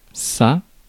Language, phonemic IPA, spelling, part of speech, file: French, /sa/, sa, determiner, Fr-sa.ogg
- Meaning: his, her, its, their, one's